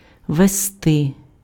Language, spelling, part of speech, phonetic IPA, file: Ukrainian, вести, verb, [ʋeˈstɪ], Uk-вести.ogg
- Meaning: 1. to lead, to conduct 2. to drive